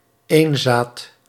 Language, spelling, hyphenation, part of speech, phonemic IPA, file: Dutch, eenzaat, een‧zaat, noun, /ˈeːn.zaːt/, Nl-eenzaat.ogg
- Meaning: 1. loner 2. hermit, monastic recluse